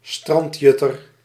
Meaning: beachcomber (one who collects or steals items of salvage on a beach)
- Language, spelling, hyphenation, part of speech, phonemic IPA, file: Dutch, strandjutter, strand‧jut‧ter, noun, /ˈstrɑntˌjʏ.tər/, Nl-strandjutter.ogg